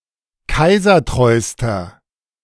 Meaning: inflection of kaisertreu: 1. strong/mixed nominative masculine singular superlative degree 2. strong genitive/dative feminine singular superlative degree 3. strong genitive plural superlative degree
- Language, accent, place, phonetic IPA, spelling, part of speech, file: German, Germany, Berlin, [ˈkaɪ̯zɐˌtʁɔɪ̯stɐ], kaisertreuster, adjective, De-kaisertreuster.ogg